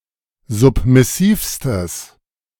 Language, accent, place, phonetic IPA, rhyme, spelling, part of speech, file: German, Germany, Berlin, [ˌzʊpmɪˈsiːfstəs], -iːfstəs, submissivstes, adjective, De-submissivstes.ogg
- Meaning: strong/mixed nominative/accusative neuter singular superlative degree of submissiv